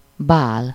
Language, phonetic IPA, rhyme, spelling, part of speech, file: Hungarian, [ˈbaːl], -aːl, bál, noun, Hu-bál.ogg
- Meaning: ball (party)